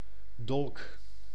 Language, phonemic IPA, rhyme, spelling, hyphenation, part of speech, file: Dutch, /dɔlk/, -ɔlk, dolk, dolk, noun / verb, Nl-dolk.ogg
- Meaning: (noun) a dagger, a relatively small, two-sided knife, fit as a stabbing weapon; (verb) inflection of dolken: 1. first-person singular present indicative 2. second-person singular present indicative